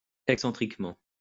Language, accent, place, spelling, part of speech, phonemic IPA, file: French, France, Lyon, excentriquement, adverb, /ɛk.sɑ̃.tʁik.mɑ̃/, LL-Q150 (fra)-excentriquement.wav
- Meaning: eccentrically